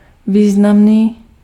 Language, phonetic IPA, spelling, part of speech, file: Czech, [ˈviːznamniː], významný, adjective, Cs-významný.ogg
- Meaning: significant